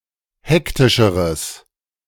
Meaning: strong/mixed nominative/accusative neuter singular comparative degree of hektisch
- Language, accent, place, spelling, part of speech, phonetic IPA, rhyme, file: German, Germany, Berlin, hektischeres, adjective, [ˈhɛktɪʃəʁəs], -ɛktɪʃəʁəs, De-hektischeres.ogg